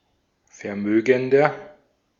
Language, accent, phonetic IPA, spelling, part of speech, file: German, Austria, [fɛɐ̯ˈmøːɡn̩dɐ], vermögender, adjective, De-at-vermögender.ogg
- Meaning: 1. comparative degree of vermögend 2. inflection of vermögend: strong/mixed nominative masculine singular 3. inflection of vermögend: strong genitive/dative feminine singular